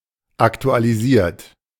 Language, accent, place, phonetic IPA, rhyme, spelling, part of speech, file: German, Germany, Berlin, [ˌaktualiˈziːɐ̯t], -iːɐ̯t, aktualisiert, adjective / verb, De-aktualisiert.ogg
- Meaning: 1. past participle of aktualisieren 2. inflection of aktualisieren: third-person singular present 3. inflection of aktualisieren: second-person plural present